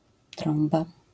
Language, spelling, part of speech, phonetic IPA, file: Polish, trąba, noun, [ˈtrɔ̃mba], LL-Q809 (pol)-trąba.wav